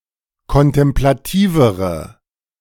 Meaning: inflection of kontemplativ: 1. strong/mixed nominative/accusative feminine singular comparative degree 2. strong nominative/accusative plural comparative degree
- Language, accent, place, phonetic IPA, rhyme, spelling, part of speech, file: German, Germany, Berlin, [kɔntɛmplaˈtiːvəʁə], -iːvəʁə, kontemplativere, adjective, De-kontemplativere.ogg